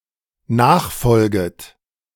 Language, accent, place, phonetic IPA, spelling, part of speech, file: German, Germany, Berlin, [ˈnaːxˌfɔlɡət], nachfolget, verb, De-nachfolget.ogg
- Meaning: second-person plural dependent subjunctive I of nachfolgen